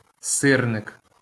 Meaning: syrnyk, a fried quark pancake
- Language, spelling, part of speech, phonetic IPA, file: Ukrainian, сирник, noun, [ˈsɪrnek], LL-Q8798 (ukr)-сирник.wav